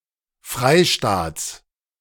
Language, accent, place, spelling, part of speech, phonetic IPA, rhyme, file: German, Germany, Berlin, Freistaats, noun, [ˈfʁaɪ̯ˌʃtaːt͡s], -aɪ̯ʃtaːt͡s, De-Freistaats.ogg
- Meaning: genitive singular of Freistaat